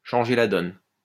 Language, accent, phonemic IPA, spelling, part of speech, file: French, France, /ʃɑ̃.ʒe la dɔn/, changer la donne, verb, LL-Q150 (fra)-changer la donne.wav
- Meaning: to change the game, to make a big difference, to be a game changer, to change everything